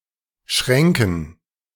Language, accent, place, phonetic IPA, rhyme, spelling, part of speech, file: German, Germany, Berlin, [ˈʃʁɛŋkn̩], -ɛŋkn̩, Schränken, noun, De-Schränken.ogg
- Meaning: dative plural of Schrank